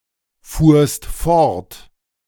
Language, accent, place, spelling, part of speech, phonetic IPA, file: German, Germany, Berlin, fuhrst fort, verb, [ˌfuːɐ̯st ˈfɔʁt], De-fuhrst fort.ogg
- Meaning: second-person singular preterite of fortfahren